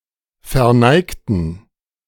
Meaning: inflection of verneigen: 1. first/third-person plural preterite 2. first/third-person plural subjunctive II
- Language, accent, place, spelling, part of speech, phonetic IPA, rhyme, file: German, Germany, Berlin, verneigten, adjective / verb, [fɛɐ̯ˈnaɪ̯ktn̩], -aɪ̯ktn̩, De-verneigten.ogg